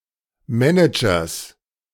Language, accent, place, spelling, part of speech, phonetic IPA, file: German, Germany, Berlin, Managers, noun, [ˈmɛnɪd͡ʒɐs], De-Managers.ogg
- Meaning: genitive of Manager